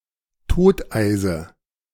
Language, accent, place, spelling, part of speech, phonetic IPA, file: German, Germany, Berlin, Toteise, noun, [ˈtoːtʔaɪ̯zə], De-Toteise.ogg
- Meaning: dative of Toteis